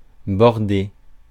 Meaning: 1. to border (add a border to) 2. to border (share a border with) 3. to tuck in
- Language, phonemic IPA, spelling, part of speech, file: French, /bɔʁ.de/, border, verb, Fr-border.ogg